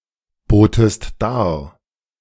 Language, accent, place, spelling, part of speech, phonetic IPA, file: German, Germany, Berlin, botest dar, verb, [ˌboːtəst ˈdaːɐ̯], De-botest dar.ogg
- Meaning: second-person singular preterite of darbieten